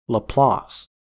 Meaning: A surname from French, famously held by
- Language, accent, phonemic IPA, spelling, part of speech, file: English, US, /ləˈplɑs/, Laplace, proper noun, En-us-Laplace.ogg